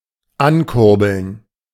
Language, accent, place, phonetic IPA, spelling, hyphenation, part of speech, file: German, Germany, Berlin, [ˈankʊʁbl̩n], ankurbeln, an‧kur‧beln, verb, De-ankurbeln.ogg
- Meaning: 1. to crank up 2. to boost